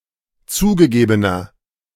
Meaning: inflection of zugegeben: 1. strong/mixed nominative masculine singular 2. strong genitive/dative feminine singular 3. strong genitive plural
- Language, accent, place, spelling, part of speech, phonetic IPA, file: German, Germany, Berlin, zugegebener, adjective, [ˈt͡suːɡəˌɡeːbənɐ], De-zugegebener.ogg